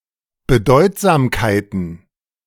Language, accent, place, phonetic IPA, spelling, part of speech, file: German, Germany, Berlin, [bəˈdɔɪ̯tzaːmkaɪ̯tn̩], Bedeutsamkeiten, noun, De-Bedeutsamkeiten.ogg
- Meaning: plural of Bedeutsamkeit